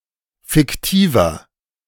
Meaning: inflection of fiktiv: 1. strong/mixed nominative masculine singular 2. strong genitive/dative feminine singular 3. strong genitive plural
- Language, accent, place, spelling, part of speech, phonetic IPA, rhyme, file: German, Germany, Berlin, fiktiver, adjective, [fɪkˈtiːvɐ], -iːvɐ, De-fiktiver.ogg